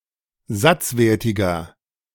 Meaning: inflection of satzwertig: 1. strong/mixed nominative masculine singular 2. strong genitive/dative feminine singular 3. strong genitive plural
- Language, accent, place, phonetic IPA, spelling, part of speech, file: German, Germany, Berlin, [ˈzat͡sˌveːɐ̯tɪɡɐ], satzwertiger, adjective, De-satzwertiger.ogg